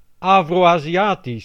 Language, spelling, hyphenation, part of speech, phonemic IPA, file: Dutch, Afro-Aziatisch, Afro-Azi‧a‧tisch, adjective, /ˌaː.froː.aː.ziˈaːtis/, Nl-Afro-Aziatisch.ogg
- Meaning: 1. Afroasiatic 2. Afro-Asian, pertaining to Asia and Africa